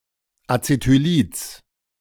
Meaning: genitive singular of Acetylid
- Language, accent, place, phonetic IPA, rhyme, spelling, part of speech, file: German, Germany, Berlin, [at͡setyˈliːt͡s], -iːt͡s, Acetylids, noun, De-Acetylids.ogg